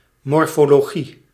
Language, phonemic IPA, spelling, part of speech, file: Dutch, /ˌmɔr.foː.loːˈɣi/, morfologie, noun, Nl-morfologie.ogg
- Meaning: morphology